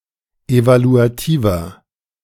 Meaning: inflection of evaluativ: 1. strong/mixed nominative masculine singular 2. strong genitive/dative feminine singular 3. strong genitive plural
- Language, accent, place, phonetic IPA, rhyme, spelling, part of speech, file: German, Germany, Berlin, [ˌevaluaˈtiːvɐ], -iːvɐ, evaluativer, adjective, De-evaluativer.ogg